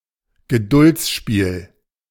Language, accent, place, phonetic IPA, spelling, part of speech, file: German, Germany, Berlin, [ɡəˈdʊlt͡sˌʃpiːl], Geduldsspiel, noun, De-Geduldsspiel.ogg
- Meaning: 1. puzzle, waiting game 2. test of patience